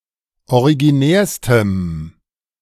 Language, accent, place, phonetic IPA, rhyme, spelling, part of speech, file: German, Germany, Berlin, [oʁiɡiˈnɛːɐ̯stəm], -ɛːɐ̯stəm, originärstem, adjective, De-originärstem.ogg
- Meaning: strong dative masculine/neuter singular superlative degree of originär